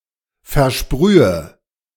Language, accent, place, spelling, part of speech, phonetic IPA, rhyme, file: German, Germany, Berlin, versprühe, verb, [fɛɐ̯ˈʃpʁyːə], -yːə, De-versprühe.ogg
- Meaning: inflection of versprühen: 1. first-person singular present 2. first/third-person singular subjunctive I 3. singular imperative